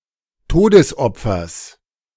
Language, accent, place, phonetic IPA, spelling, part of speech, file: German, Germany, Berlin, [ˈtoːdəsˌʔɔp͡fɐs], Todesopfers, noun, De-Todesopfers.ogg
- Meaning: genitive singular of Todesopfer